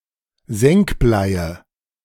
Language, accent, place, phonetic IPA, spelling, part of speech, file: German, Germany, Berlin, [ˈzɛŋkˌblaɪ̯ə], Senkbleie, noun, De-Senkbleie.ogg
- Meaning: nominative/accusative/genitive plural of Senkblei